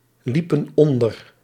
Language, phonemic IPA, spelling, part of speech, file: Dutch, /ˈlipə(n) ˈɔndər/, liepen onder, verb, Nl-liepen onder.ogg
- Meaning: inflection of onderlopen: 1. plural past indicative 2. plural past subjunctive